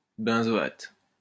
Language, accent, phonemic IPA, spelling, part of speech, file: French, France, /bɛ̃.zɔ.at/, benzoate, noun, LL-Q150 (fra)-benzoate.wav
- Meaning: benzoate